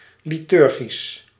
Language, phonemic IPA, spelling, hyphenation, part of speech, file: Dutch, /ˌliˈtʏr.ɣis/, liturgisch, li‧tur‧gisch, adjective, Nl-liturgisch.ogg
- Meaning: liturgical